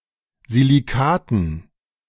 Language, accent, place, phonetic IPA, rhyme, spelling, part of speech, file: German, Germany, Berlin, [ziliˈkaːtn̩], -aːtn̩, Silicaten, noun, De-Silicaten.ogg
- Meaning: dative plural of Silicat